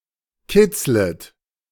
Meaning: second-person plural subjunctive I of kitzeln
- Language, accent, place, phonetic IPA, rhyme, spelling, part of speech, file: German, Germany, Berlin, [ˈkɪt͡slət], -ɪt͡slət, kitzlet, verb, De-kitzlet.ogg